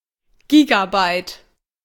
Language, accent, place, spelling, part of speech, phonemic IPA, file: German, Germany, Berlin, Gigabyte, noun, /ˈɡiːɡaˌbaɪ̯t/, De-Gigabyte.ogg
- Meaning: gigabyte (one billion bytes)